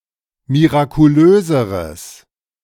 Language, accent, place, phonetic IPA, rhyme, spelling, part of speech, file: German, Germany, Berlin, [miʁakuˈløːzəʁəs], -øːzəʁəs, mirakulöseres, adjective, De-mirakulöseres.ogg
- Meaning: strong/mixed nominative/accusative neuter singular comparative degree of mirakulös